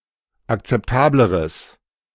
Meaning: strong/mixed nominative/accusative neuter singular comparative degree of akzeptabel
- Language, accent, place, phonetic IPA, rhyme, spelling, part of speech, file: German, Germany, Berlin, [akt͡sɛpˈtaːbləʁəs], -aːbləʁəs, akzeptableres, adjective, De-akzeptableres.ogg